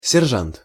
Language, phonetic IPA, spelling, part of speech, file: Russian, [sʲɪrˈʐant], сержант, noun, Ru-сержант.ogg
- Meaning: sergeant